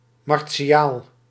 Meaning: martial, warlike
- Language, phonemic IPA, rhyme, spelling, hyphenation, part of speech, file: Dutch, /ˌmɑr.(t)siˈaːl/, -aːl, martiaal, mar‧ti‧aal, adjective, Nl-martiaal.ogg